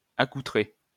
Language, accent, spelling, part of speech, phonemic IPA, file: French, France, accoutré, verb / adjective, /a.ku.tʁe/, LL-Q150 (fra)-accoutré.wav
- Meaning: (verb) past participle of accoutrer; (adjective) attired, dressed (in a particular manner)